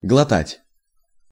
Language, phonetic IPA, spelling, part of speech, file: Russian, [ɡɫɐˈtatʲ], глотать, verb, Ru-глотать.ogg
- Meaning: to swallow